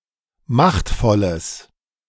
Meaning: strong/mixed nominative/accusative neuter singular of machtvoll
- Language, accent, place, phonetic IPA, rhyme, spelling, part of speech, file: German, Germany, Berlin, [ˈmaxtfɔləs], -axtfɔləs, machtvolles, adjective, De-machtvolles.ogg